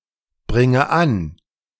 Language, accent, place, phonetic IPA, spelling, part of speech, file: German, Germany, Berlin, [ˌbʁɪŋə ˈan], bringe an, verb, De-bringe an.ogg
- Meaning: inflection of anbringen: 1. first-person singular present 2. first/third-person singular subjunctive I 3. singular imperative